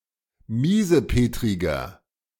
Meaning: 1. comparative degree of miesepetrig 2. inflection of miesepetrig: strong/mixed nominative masculine singular 3. inflection of miesepetrig: strong genitive/dative feminine singular
- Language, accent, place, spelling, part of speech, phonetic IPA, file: German, Germany, Berlin, miesepetriger, adjective, [ˈmiːzəˌpeːtʁɪɡɐ], De-miesepetriger.ogg